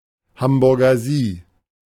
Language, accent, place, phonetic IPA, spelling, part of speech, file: German, Germany, Berlin, [ˈhambʊʁɡɐ ˈziː], Hamburger Sie, phrase, De-Hamburger Sie.ogg
- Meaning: a semi-formal address form that combines the formal pronoun Sie with the addressee's first name